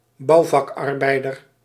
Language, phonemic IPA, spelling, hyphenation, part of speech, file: Dutch, /ˈbɑu̯.vɑkˌɑr.bɛi̯.dər/, bouwvakarbeider, bouw‧vak‧ar‧bei‧der, noun, Nl-bouwvakarbeider.ogg
- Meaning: a construction laborer, a professional builder